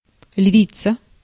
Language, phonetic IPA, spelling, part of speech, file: Russian, [ˈlʲvʲit͡sə], львица, noun, Ru-львица.ogg
- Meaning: female equivalent of лев (lev): female lion, lioness